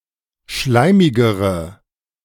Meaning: inflection of schleimig: 1. strong/mixed nominative/accusative feminine singular comparative degree 2. strong nominative/accusative plural comparative degree
- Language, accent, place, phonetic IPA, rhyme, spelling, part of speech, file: German, Germany, Berlin, [ˈʃlaɪ̯mɪɡəʁə], -aɪ̯mɪɡəʁə, schleimigere, adjective, De-schleimigere.ogg